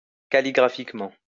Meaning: calligraphically
- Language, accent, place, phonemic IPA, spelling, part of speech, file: French, France, Lyon, /ka.li.ɡʁa.fik.mɑ̃/, calligraphiquement, adverb, LL-Q150 (fra)-calligraphiquement.wav